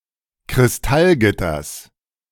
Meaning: genitive singular of Kristallgitter
- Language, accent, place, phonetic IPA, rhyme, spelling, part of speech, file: German, Germany, Berlin, [kʁɪsˈtalˌɡɪtɐs], -alɡɪtɐs, Kristallgitters, noun, De-Kristallgitters.ogg